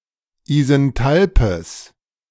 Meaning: strong/mixed nominative/accusative neuter singular of isenthalp
- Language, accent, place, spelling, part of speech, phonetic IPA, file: German, Germany, Berlin, isenthalpes, adjective, [izɛnˈtalpəs], De-isenthalpes.ogg